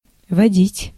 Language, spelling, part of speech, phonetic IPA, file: Russian, водить, verb, [vɐˈdʲitʲ], Ru-водить.ogg
- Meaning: 1. to lead, to conduct, to guide 2. to drive 3. to move 4. to breed 5. to be it in tag and similar games